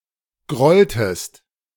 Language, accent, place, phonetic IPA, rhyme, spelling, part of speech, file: German, Germany, Berlin, [ˈɡʁɔltəst], -ɔltəst, grolltest, verb, De-grolltest.ogg
- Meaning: inflection of grollen: 1. second-person singular preterite 2. second-person singular subjunctive II